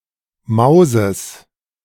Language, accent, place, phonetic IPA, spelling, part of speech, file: German, Germany, Berlin, [ˈmaʊ̯sɪz], Mouses, noun, De-Mouses.ogg
- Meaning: plural of Mouse